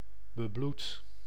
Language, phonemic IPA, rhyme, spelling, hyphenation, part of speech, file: Dutch, /bəˈblut/, -ut, bebloed, be‧bloed, adjective, Nl-bebloed.ogg
- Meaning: bloody, sanguine